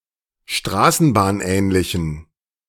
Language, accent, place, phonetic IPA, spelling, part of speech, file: German, Germany, Berlin, [ˈʃtʁaːsn̩baːnˌʔɛːnlɪçn̩], straßenbahnähnlichen, adjective, De-straßenbahnähnlichen.ogg
- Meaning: inflection of straßenbahnähnlich: 1. strong genitive masculine/neuter singular 2. weak/mixed genitive/dative all-gender singular 3. strong/weak/mixed accusative masculine singular